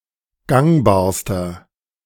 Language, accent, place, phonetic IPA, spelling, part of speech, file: German, Germany, Berlin, [ˈɡaŋbaːɐ̯stɐ], gangbarster, adjective, De-gangbarster.ogg
- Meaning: inflection of gangbar: 1. strong/mixed nominative masculine singular superlative degree 2. strong genitive/dative feminine singular superlative degree 3. strong genitive plural superlative degree